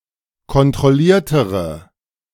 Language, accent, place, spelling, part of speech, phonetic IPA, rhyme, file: German, Germany, Berlin, kontrolliertere, adjective, [kɔntʁɔˈliːɐ̯təʁə], -iːɐ̯təʁə, De-kontrolliertere.ogg
- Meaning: inflection of kontrolliert: 1. strong/mixed nominative/accusative feminine singular comparative degree 2. strong nominative/accusative plural comparative degree